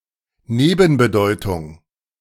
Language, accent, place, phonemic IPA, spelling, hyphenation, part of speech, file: German, Germany, Berlin, /ˈneːbənbəˌdɔɪ̯tʊŋ/, Nebenbedeutung, Ne‧ben‧be‧deu‧tung, noun, De-Nebenbedeutung.ogg
- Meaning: connotation